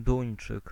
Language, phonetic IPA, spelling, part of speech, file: Polish, [ˈdũj̃n͇t͡ʃɨk], Duńczyk, noun, Pl-Duńczyk.ogg